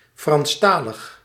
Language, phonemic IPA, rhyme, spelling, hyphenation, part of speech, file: Dutch, /ˌfrɑnsˈtaː.ləx/, -aːləx, Franstalig, Frans‧ta‧lig, adjective, Nl-Franstalig.ogg
- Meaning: 1. French-speaking, francophone 2. produced (e.g. written, recorded) in the French language